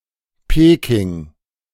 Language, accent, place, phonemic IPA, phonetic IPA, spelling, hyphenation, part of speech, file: German, Germany, Berlin, /ˈpeːkɪŋ/, [ˈpʰeː.kʰɪŋ], Peking, Pe‧king, proper noun, De-Peking.ogg
- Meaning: Beijing (a direct-administered municipality, the capital city of China)